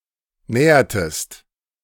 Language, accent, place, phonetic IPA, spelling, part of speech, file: German, Germany, Berlin, [ˈnɛːɐtəst], nähertest, verb, De-nähertest.ogg
- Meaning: inflection of nähern: 1. second-person singular preterite 2. second-person singular subjunctive II